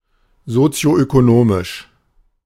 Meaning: socioeconomic
- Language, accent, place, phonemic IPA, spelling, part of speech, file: German, Germany, Berlin, /zot͡si̯oʔøkoˈnoːmɪʃ/, sozioökonomisch, adjective, De-sozioökonomisch.ogg